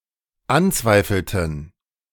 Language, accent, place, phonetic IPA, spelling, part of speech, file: German, Germany, Berlin, [ˈanˌt͡svaɪ̯fl̩tn̩], anzweifelten, verb, De-anzweifelten.ogg
- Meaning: inflection of anzweifeln: 1. first/third-person plural dependent preterite 2. first/third-person plural dependent subjunctive II